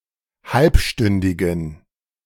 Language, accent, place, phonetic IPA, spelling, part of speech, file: German, Germany, Berlin, [ˈhalpˌʃtʏndɪɡn̩], halbstündigen, adjective, De-halbstündigen.ogg
- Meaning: inflection of halbstündig: 1. strong genitive masculine/neuter singular 2. weak/mixed genitive/dative all-gender singular 3. strong/weak/mixed accusative masculine singular 4. strong dative plural